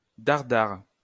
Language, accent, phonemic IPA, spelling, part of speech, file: French, France, /daʁ.daʁ/, dare-dare, adverb, LL-Q150 (fra)-dare-dare.wav
- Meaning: double-quick